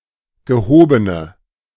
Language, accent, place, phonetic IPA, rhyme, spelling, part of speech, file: German, Germany, Berlin, [ɡəˈhoːbənə], -oːbənə, gehobene, adjective, De-gehobene.ogg
- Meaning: inflection of gehoben: 1. strong/mixed nominative/accusative feminine singular 2. strong nominative/accusative plural 3. weak nominative all-gender singular 4. weak accusative feminine/neuter singular